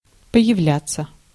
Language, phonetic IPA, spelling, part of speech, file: Russian, [pə(j)ɪˈvlʲat͡sːə], появляться, verb, Ru-появляться.ogg
- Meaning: to appear, to show up, to emerge